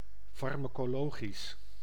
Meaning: pharmacological, of or having to do with pharmacology
- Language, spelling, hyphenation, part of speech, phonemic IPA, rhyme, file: Dutch, farmacologisch, far‧ma‧co‧lo‧gisch, adjective, /ˌfɑr.maː.koːˈloː.ɣis/, -oːɣis, Nl-farmacologisch.ogg